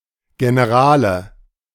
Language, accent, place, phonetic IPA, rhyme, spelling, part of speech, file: German, Germany, Berlin, [ɡenəˈʁaːlə], -aːlə, Generale, noun, De-Generale.ogg
- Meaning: 1. nominative/accusative/genitive plural of General 2. personal information